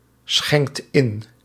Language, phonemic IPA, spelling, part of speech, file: Dutch, /ˈsxɛŋkt ˈɪn/, schenkt in, verb, Nl-schenkt in.ogg
- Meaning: inflection of inschenken: 1. second/third-person singular present indicative 2. plural imperative